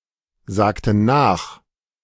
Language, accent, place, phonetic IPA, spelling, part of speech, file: German, Germany, Berlin, [ˌzaːktn̩ ˈnaːx], sagten nach, verb, De-sagten nach.ogg
- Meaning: inflection of nachsagen: 1. first/third-person plural preterite 2. first/third-person plural subjunctive II